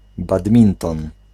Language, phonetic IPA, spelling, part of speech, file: Polish, [badˈmʲĩntɔ̃n], badminton, noun, Pl-badminton.ogg